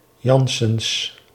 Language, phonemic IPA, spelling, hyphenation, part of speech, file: Dutch, /ˈjɑn.səns/, Janssens, Jans‧sens, proper noun, Nl-Janssens.ogg
- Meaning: a surname